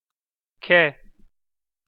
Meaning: the name of the Armenian letter ք (kʻ)
- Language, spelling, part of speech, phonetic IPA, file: Armenian, քե, noun, [kʰe], Hy-քե.ogg